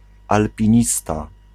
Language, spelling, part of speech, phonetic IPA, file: Polish, alpinista, noun, [ˌalpʲĩˈɲista], Pl-alpinista.ogg